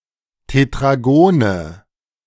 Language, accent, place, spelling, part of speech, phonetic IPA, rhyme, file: German, Germany, Berlin, Tetragone, noun, [tetʁaˈɡoːnə], -oːnə, De-Tetragone.ogg
- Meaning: nominative/accusative/genitive plural of Tetragon